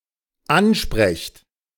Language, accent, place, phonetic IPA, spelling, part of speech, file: German, Germany, Berlin, [ˈanˌʃpʁɛçt], ansprecht, verb, De-ansprecht.ogg
- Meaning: second-person plural dependent present of ansprechen